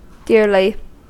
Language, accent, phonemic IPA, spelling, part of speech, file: English, US, /ˈdɪɹli/, dearly, adverb, En-us-dearly.ogg
- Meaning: 1. In a dear or precious manner 2. In a dear or expensive manner 3. At great expense; dear